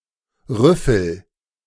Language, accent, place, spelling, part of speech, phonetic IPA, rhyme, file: German, Germany, Berlin, rüffel, verb, [ˈʁʏfl̩], -ʏfl̩, De-rüffel.ogg
- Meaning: inflection of rüffeln: 1. first-person singular present 2. singular imperative